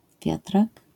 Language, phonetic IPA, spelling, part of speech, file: Polish, [ˈvʲjatrak], wiatrak, noun, LL-Q809 (pol)-wiatrak.wav